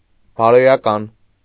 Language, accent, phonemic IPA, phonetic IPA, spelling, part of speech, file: Armenian, Eastern Armenian, /bɑɾojɑˈkɑn/, [bɑɾojɑkɑ́n], բարոյական, adjective, Hy-բարոյական.ogg
- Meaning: 1. moral, ethical (relating to principles of right and wrong) 2. moral, ethical (morally approvable; good)